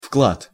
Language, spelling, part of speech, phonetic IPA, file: Russian, вклад, noun, [fkɫat], Ru-вклад.ogg
- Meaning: 1. deposit (money placed in an account), account (in a bank) 2. contribution (something given or offered that adds to a larger whole)